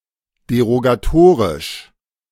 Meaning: derogatory (being or pertaining to a derogatory clause)
- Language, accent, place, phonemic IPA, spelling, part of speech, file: German, Germany, Berlin, /deʁoɡaˈtoːʁɪʃ/, derogatorisch, adjective, De-derogatorisch.ogg